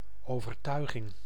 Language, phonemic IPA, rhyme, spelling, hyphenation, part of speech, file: Dutch, /ˌoː.vərˈtœy̯.ɣɪŋ/, -œy̯ɣɪŋ, overtuiging, over‧tui‧ging, noun, Nl-overtuiging.ogg
- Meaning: 1. persuasion 2. belief, opinion